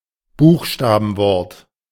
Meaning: acronym
- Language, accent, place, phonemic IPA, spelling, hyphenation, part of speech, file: German, Germany, Berlin, /ˈbuːxʃtaːbn̩ˌvɔʁt/, Buchstabenwort, Buch‧sta‧ben‧wort, noun, De-Buchstabenwort.ogg